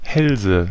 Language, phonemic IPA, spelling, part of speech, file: German, /ˈhɛlzə/, Hälse, noun, De-Hälse.ogg
- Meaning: nominative/accusative/genitive plural of Hals